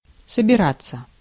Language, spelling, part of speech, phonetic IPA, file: Russian, собираться, verb, [səbʲɪˈrat͡sːə], Ru-собираться.ogg
- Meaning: 1. to gather, to assemble 2. to be going (somewhere), to be heading (off) (somewhere)